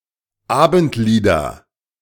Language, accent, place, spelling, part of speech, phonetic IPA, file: German, Germany, Berlin, Abendlieder, noun, [ˈaːbn̩tˌliːdɐ], De-Abendlieder.ogg
- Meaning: nominative/accusative/genitive plural of Abendlied